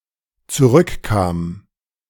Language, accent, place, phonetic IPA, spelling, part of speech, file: German, Germany, Berlin, [t͡suˈʁʏkˌkaːm], zurückkam, verb, De-zurückkam.ogg
- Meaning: first/third-person singular dependent preterite of zurückkommen